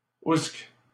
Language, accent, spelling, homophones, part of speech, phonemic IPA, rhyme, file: French, Canada, ousque, oùsque, adverb, /usk/, -usk, LL-Q150 (fra)-ousque.wav
- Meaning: alternative form of oùsque (“where”)